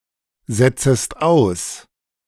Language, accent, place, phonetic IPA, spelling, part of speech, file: German, Germany, Berlin, [ˌzɛt͡səst ˈaʊ̯s], setzest aus, verb, De-setzest aus.ogg
- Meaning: second-person singular subjunctive I of aussetzen